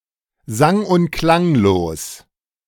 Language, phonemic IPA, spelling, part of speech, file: German, /zaŋ ʊnt klaŋloːs/, sang- und klanglos, adjective, De-sang und klanglos.ogg
- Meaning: quietly, without any commotion